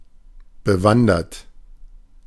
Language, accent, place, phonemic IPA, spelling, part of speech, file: German, Germany, Berlin, /bəˈvandɐt/, bewandert, verb / adjective, De-bewandert.ogg
- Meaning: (verb) past participle of bewandern; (adjective) knowledgeable, skilled, adept